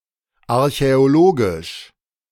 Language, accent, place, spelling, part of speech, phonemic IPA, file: German, Germany, Berlin, archäologisch, adjective, /aʁçɛoˈloːɡɪʃ/, De-archäologisch.ogg
- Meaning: archaeological, archeological